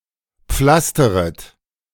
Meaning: second-person plural subjunctive I of pflastern
- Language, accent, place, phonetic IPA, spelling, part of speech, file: German, Germany, Berlin, [ˈp͡flastəʁət], pflasteret, verb, De-pflasteret.ogg